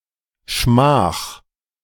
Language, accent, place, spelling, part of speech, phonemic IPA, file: German, Germany, Berlin, Schmach, noun, /ʃmaːχ/, De-Schmach.ogg
- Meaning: disgrace